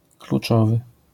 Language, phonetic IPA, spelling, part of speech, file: Polish, [kluˈt͡ʃɔvɨ], kluczowy, adjective, LL-Q809 (pol)-kluczowy.wav